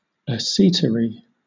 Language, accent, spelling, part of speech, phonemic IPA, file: English, Southern England, acetary, noun, /əˈsiːtəɹi/, LL-Q1860 (eng)-acetary.wav
- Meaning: An acid pulp in certain fruits, such as the pear